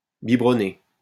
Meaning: 1. to bottle feed 2. to booze
- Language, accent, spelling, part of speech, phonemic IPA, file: French, France, biberonner, verb, /bi.bʁɔ.ne/, LL-Q150 (fra)-biberonner.wav